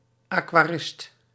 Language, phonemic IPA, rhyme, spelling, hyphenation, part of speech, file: Dutch, /ˌaː.kʋaːˈrɪst/, -ɪst, aquarist, aqua‧rist, noun, Nl-aquarist.ogg
- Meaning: an aquarist, an aquarium owner or maintainer